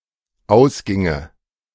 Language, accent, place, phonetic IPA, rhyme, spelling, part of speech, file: German, Germany, Berlin, [ˈaʊ̯sˌɡɪŋə], -aʊ̯sɡɪŋə, ausginge, verb, De-ausginge.ogg
- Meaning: first/third-person singular dependent subjunctive II of ausgehen